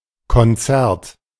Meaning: 1. concert (musical event) 2. concerto
- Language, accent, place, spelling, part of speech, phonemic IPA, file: German, Germany, Berlin, Konzert, noun, /kɔnˈtsɛɐ̯t/, De-Konzert.ogg